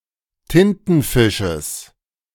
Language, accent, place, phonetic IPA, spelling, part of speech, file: German, Germany, Berlin, [ˈtɪntn̩ˌfɪʃəs], Tintenfisches, noun, De-Tintenfisches.ogg
- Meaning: genitive singular of Tintenfisch